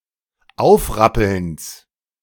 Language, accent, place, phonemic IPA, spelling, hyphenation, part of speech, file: German, Germany, Berlin, /ˈaʊ̯fˌʁapl̩ns/, Aufrappelns, Auf‧rap‧pelns, noun, De-Aufrappelns.ogg
- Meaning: genitive singular of Aufrappeln